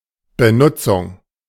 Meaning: use
- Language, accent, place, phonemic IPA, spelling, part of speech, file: German, Germany, Berlin, /bəˈnʊtsʊŋ/, Benutzung, noun, De-Benutzung.ogg